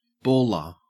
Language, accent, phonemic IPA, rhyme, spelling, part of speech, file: English, Australia, /ˈbɔːlɚ/, -ɔːlɚ, baller, noun / adjective, En-au-baller.ogg
- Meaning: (noun) 1. A kitchenware utensil for cutting ball-shaped pieces of foods 2. A person employed to divide molten metal into separate balls before it is hammered out